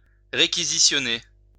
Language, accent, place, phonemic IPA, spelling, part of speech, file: French, France, Lyon, /ʁe.ki.zi.sjɔ.ne/, réquisitionner, verb, LL-Q150 (fra)-réquisitionner.wav
- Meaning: to requisition